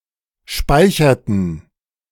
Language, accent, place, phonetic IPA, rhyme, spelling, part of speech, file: German, Germany, Berlin, [ˈʃpaɪ̯çɐtn̩], -aɪ̯çɐtn̩, speicherten, verb, De-speicherten.ogg
- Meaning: inflection of speichern: 1. first/third-person plural preterite 2. first/third-person plural subjunctive II